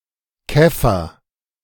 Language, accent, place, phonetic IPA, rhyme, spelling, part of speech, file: German, Germany, Berlin, [ˈkɛfɐ], -ɛfɐ, Käffer, noun, De-Käffer.ogg
- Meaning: nominative/accusative/genitive plural of Kaff